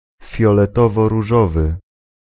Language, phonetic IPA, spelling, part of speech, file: Polish, [ˌfʲjɔlɛtɔvɔruˈʒɔvɨ], fioletoworóżowy, adjective, Pl-fioletoworóżowy.ogg